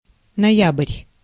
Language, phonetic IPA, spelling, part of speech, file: Russian, [nɐˈjab(ə)rʲ], ноябрь, noun, Ru-ноябрь.ogg
- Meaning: November